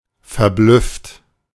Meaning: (verb) past participle of verblüffen; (adjective) stunned, flabbergasted, perplexed, bemused
- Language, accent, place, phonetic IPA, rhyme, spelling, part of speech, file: German, Germany, Berlin, [fɛɐ̯ˈblʏft], -ʏft, verblüfft, adjective / verb, De-verblüfft.ogg